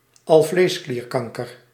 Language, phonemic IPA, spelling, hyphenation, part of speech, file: Dutch, /ˈɑl.vleːsˌkliːrˈkɑŋ.kər/, alvleesklierkanker, al‧vlees‧klier‧kan‧ker, noun, Nl-alvleesklierkanker.ogg
- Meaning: pancreatic cancer